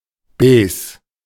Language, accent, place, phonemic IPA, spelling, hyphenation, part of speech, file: German, Germany, Berlin, /ˈbɛːs/, Baisse, Bais‧se, noun, De-Baisse.ogg
- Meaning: bear market